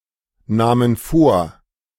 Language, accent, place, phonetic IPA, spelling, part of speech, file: German, Germany, Berlin, [ˌnaːmən ˈfoːɐ̯], nahmen vor, verb, De-nahmen vor.ogg
- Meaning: first/third-person plural preterite of vornehmen